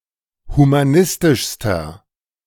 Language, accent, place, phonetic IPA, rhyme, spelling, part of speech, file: German, Germany, Berlin, [humaˈnɪstɪʃstɐ], -ɪstɪʃstɐ, humanistischster, adjective, De-humanistischster.ogg
- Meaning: inflection of humanistisch: 1. strong/mixed nominative masculine singular superlative degree 2. strong genitive/dative feminine singular superlative degree 3. strong genitive plural superlative degree